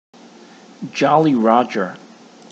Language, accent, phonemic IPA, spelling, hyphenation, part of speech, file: English, General American, /ˌdʒɑli ˈɹɑdʒɚ/, Jolly Roger, Jol‧ly Rog‧er, noun, En-us-Jolly Roger.ogg
- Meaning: The traditional flag used on European and American pirate ships, and, more recently, by submarine crews, often pictured as a white skull and crossbones on a black field; the blackjack